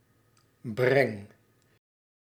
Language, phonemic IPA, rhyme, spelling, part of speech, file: Dutch, /brɛŋ/, -ɛŋ, breng, verb, Nl-breng.ogg
- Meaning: inflection of brengen: 1. first-person singular present indicative 2. second-person singular present indicative 3. imperative